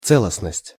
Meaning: integrity
- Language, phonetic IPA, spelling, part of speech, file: Russian, [ˈt͡sɛɫəsnəsʲtʲ], целостность, noun, Ru-целостность.ogg